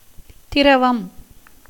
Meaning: 1. liquid 2. the property of flowing 3. juice, essence
- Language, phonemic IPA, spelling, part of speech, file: Tamil, /t̪ɪɾɐʋɐm/, திரவம், noun, Ta-திரவம்.ogg